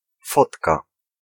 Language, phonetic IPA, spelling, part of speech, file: Polish, [ˈfɔtka], fotka, noun, Pl-fotka.ogg